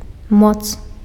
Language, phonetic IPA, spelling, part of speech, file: Belarusian, [mot͡s], моц, noun, Be-моц.ogg
- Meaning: might, power